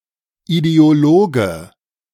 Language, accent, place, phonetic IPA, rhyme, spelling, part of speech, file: German, Germany, Berlin, [ideoˈloːɡə], -oːɡə, Ideologe, noun, De-Ideologe.ogg
- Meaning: ideologue (male or of unspecified gender)